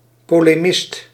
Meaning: a polemicist
- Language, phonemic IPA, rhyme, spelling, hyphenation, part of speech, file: Dutch, /ˌpoː.leːˈmɪst/, -ɪst, polemist, po‧le‧mist, noun, Nl-polemist.ogg